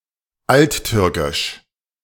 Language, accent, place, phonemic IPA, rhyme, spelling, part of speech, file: German, Germany, Berlin, /altˈtyːʁkɪʃ/, -yːʁkɪʃ, alttürkisch, adjective, De-alttürkisch.ogg
- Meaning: Old Turkic